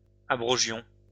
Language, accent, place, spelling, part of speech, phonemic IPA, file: French, France, Lyon, abrogions, verb, /a.bʁɔ.ʒjɔ̃/, LL-Q150 (fra)-abrogions.wav
- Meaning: inflection of abroger: 1. first-person plural imperfect indicative 2. first-person plural present subjunctive